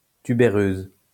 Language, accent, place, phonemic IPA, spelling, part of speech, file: French, France, Lyon, /ty.be.ʁøz/, tubéreuse, adjective / noun, LL-Q150 (fra)-tubéreuse.wav
- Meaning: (adjective) feminine singular of tubéreux; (noun) 1. tuberose, the plant Agave amica 2. tuberose fragrance, as used in perfumery